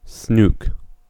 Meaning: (noun) A freshwater and marine fish of the family Centropomidae in the order Perciformes
- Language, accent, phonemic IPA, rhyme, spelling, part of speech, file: English, US, /snuːk/, -uːk, snook, noun / verb, En-us-snook.ogg